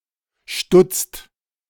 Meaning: inflection of stutzen: 1. second/third-person singular present 2. second-person plural present 3. plural imperative
- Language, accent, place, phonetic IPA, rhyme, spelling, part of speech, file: German, Germany, Berlin, [ʃtʊt͡st], -ʊt͡st, stutzt, verb, De-stutzt.ogg